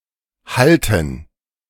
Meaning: inflection of hallen: 1. first/third-person plural preterite 2. first/third-person plural subjunctive II
- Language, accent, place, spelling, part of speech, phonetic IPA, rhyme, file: German, Germany, Berlin, hallten, verb, [ˈhaltn̩], -altn̩, De-hallten.ogg